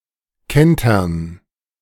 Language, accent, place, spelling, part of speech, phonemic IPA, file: German, Germany, Berlin, kentern, verb, /ˈkɛntɐn/, De-kentern.ogg
- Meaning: to capsize